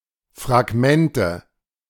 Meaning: nominative/accusative/genitive plural of Fragment
- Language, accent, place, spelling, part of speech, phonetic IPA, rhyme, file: German, Germany, Berlin, Fragmente, noun, [fʁaˈɡmɛntə], -ɛntə, De-Fragmente.ogg